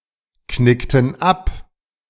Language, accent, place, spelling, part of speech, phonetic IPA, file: German, Germany, Berlin, knickten ab, verb, [ˌknɪktn̩ ˈap], De-knickten ab.ogg
- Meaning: inflection of abknicken: 1. first/third-person plural preterite 2. first/third-person plural subjunctive II